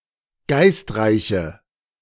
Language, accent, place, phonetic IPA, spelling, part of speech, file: German, Germany, Berlin, [ˈɡaɪ̯stˌʁaɪ̯çə], geistreiche, adjective, De-geistreiche.ogg
- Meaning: inflection of geistreich: 1. strong/mixed nominative/accusative feminine singular 2. strong nominative/accusative plural 3. weak nominative all-gender singular